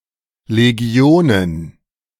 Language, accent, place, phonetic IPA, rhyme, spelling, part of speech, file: German, Germany, Berlin, [leˈɡi̯oːnən], -oːnən, Legionen, noun, De-Legionen.ogg
- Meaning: plural of Legion